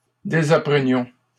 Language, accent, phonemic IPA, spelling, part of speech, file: French, Canada, /de.za.pʁə.njɔ̃/, désapprenions, verb, LL-Q150 (fra)-désapprenions.wav
- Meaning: inflection of désapprendre: 1. first-person plural imperfect indicative 2. first-person plural present subjunctive